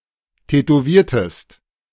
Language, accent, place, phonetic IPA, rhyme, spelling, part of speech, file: German, Germany, Berlin, [tɛtoˈviːɐ̯təst], -iːɐ̯təst, tätowiertest, verb, De-tätowiertest.ogg
- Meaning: inflection of tätowieren: 1. second-person singular preterite 2. second-person singular subjunctive II